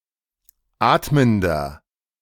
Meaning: inflection of atmend: 1. strong/mixed nominative masculine singular 2. strong genitive/dative feminine singular 3. strong genitive plural
- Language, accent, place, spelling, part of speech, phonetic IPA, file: German, Germany, Berlin, atmender, adjective, [ˈaːtməndɐ], De-atmender.ogg